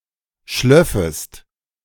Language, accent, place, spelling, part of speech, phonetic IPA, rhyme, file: German, Germany, Berlin, schlöffest, verb, [ˈʃlœfəst], -œfəst, De-schlöffest.ogg
- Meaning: second-person singular subjunctive II of schliefen